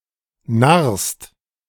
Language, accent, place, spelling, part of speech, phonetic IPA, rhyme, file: German, Germany, Berlin, narrst, verb, [naʁst], -aʁst, De-narrst.ogg
- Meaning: second-person singular present of narren